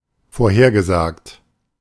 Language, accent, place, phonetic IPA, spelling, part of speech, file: German, Germany, Berlin, [foːɐ̯ˈheːɐ̯ɡəˌzaːkt], vorhergesagt, adjective / verb, De-vorhergesagt.ogg
- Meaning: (verb) past participle of vorhersagen; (adjective) predicted, forecast